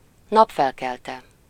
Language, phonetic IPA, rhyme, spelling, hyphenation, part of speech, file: Hungarian, [ˈnɒpfɛlkɛltɛ], -tɛ, napfelkelte, nap‧fel‧kel‧te, noun, Hu-napfelkelte.ogg
- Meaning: synonym of napkelte (“sunrise”, time of day)